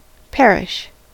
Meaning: 1. To decay and disappear; to waste away to nothing 2. To decay in such a way that it cannot be used for its original purpose 3. To die; to cease to live 4. To cause to perish
- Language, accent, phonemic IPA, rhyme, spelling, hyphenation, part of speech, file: English, US, /ˈpɛɹɪʃ/, -ɛɹɪʃ, perish, per‧ish, verb, En-us-perish.ogg